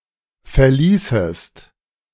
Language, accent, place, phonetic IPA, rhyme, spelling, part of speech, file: German, Germany, Berlin, [fɛɐ̯ˈliːsəst], -iːsəst, verließest, verb, De-verließest.ogg
- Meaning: second-person singular subjunctive II of verlassen